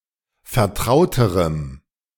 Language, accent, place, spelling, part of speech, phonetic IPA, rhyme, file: German, Germany, Berlin, vertrauterem, adjective, [fɛɐ̯ˈtʁaʊ̯təʁəm], -aʊ̯təʁəm, De-vertrauterem.ogg
- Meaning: strong dative masculine/neuter singular comparative degree of vertraut